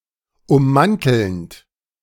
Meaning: present participle of ummanteln
- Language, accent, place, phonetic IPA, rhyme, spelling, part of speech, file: German, Germany, Berlin, [ʊmˈmantl̩nt], -antl̩nt, ummantelnd, verb, De-ummantelnd.ogg